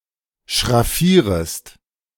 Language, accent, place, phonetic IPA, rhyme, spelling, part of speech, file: German, Germany, Berlin, [ʃʁaˈfiːʁəst], -iːʁəst, schraffierest, verb, De-schraffierest.ogg
- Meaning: second-person singular subjunctive I of schraffieren